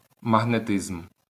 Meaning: magnetism
- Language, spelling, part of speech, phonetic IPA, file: Ukrainian, магнетизм, noun, [mɐɦneˈtɪzm], LL-Q8798 (ukr)-магнетизм.wav